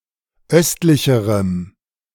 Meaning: strong dative masculine/neuter singular comparative degree of östlich
- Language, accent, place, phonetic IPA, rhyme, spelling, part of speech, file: German, Germany, Berlin, [ˈœstlɪçəʁəm], -œstlɪçəʁəm, östlicherem, adjective, De-östlicherem.ogg